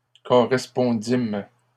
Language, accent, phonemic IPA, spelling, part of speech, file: French, Canada, /kɔ.ʁɛs.pɔ̃.dim/, correspondîmes, verb, LL-Q150 (fra)-correspondîmes.wav
- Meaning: first-person plural past historic of correspondre